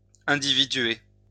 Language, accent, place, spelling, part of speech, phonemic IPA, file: French, France, Lyon, individuer, verb, /ɛ̃.di.vi.dɥe/, LL-Q150 (fra)-individuer.wav
- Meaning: to individuate